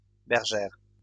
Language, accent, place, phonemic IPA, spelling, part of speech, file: French, France, Lyon, /bɛʁ.ʒɛʁ/, bergères, noun, LL-Q150 (fra)-bergères.wav
- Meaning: plural of bergère